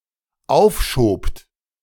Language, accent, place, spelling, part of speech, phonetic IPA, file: German, Germany, Berlin, aufschobt, verb, [ˈaʊ̯fˌʃoːpt], De-aufschobt.ogg
- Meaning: second-person plural dependent preterite of aufschieben